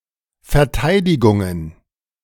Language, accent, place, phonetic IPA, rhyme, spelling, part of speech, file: German, Germany, Berlin, [fɛɐ̯ˈtaɪ̯dɪɡʊŋən], -aɪ̯dɪɡʊŋən, Verteidigungen, noun, De-Verteidigungen.ogg
- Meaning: plural of Verteidigung